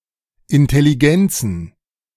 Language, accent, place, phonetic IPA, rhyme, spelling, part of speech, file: German, Germany, Berlin, [ɪntɛliˈɡɛnt͡sn̩], -ɛnt͡sn̩, Intelligenzen, noun, De-Intelligenzen.ogg
- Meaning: plural of Intelligenz